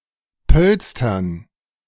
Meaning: dative plural of Polster
- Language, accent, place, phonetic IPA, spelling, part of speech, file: German, Germany, Berlin, [ˈpœlstɐn], Pölstern, noun, De-Pölstern.ogg